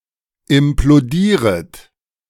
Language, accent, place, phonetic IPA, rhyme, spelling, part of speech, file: German, Germany, Berlin, [ɪmploˈdiːʁət], -iːʁət, implodieret, verb, De-implodieret.ogg
- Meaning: second-person plural subjunctive I of implodieren